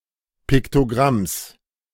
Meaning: genitive singular of Piktogramm
- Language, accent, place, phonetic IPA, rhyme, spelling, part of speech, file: German, Germany, Berlin, [ˌpɪktoˈɡʁams], -ams, Piktogramms, noun, De-Piktogramms.ogg